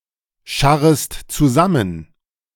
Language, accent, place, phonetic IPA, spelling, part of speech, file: German, Germany, Berlin, [ˌʃaʁəst t͡suˈzamən], scharrest zusammen, verb, De-scharrest zusammen.ogg
- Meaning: second-person singular subjunctive I of zusammenscharren